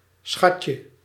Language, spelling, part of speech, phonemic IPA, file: Dutch, schatje, noun, /ˈsxɑcə/, Nl-schatje.ogg
- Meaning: diminutive of schat